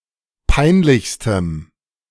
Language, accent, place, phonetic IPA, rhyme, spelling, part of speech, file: German, Germany, Berlin, [ˈpaɪ̯nˌlɪçstəm], -aɪ̯nlɪçstəm, peinlichstem, adjective, De-peinlichstem.ogg
- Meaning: strong dative masculine/neuter singular superlative degree of peinlich